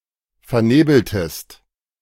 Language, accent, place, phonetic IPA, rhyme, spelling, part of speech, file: German, Germany, Berlin, [fɛɐ̯ˈneːbl̩təst], -eːbl̩təst, vernebeltest, verb, De-vernebeltest.ogg
- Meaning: inflection of vernebeln: 1. second-person singular preterite 2. second-person singular subjunctive II